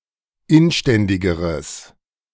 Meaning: strong/mixed nominative/accusative neuter singular comparative degree of inständig
- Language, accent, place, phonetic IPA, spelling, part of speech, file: German, Germany, Berlin, [ˈɪnˌʃtɛndɪɡəʁəs], inständigeres, adjective, De-inständigeres.ogg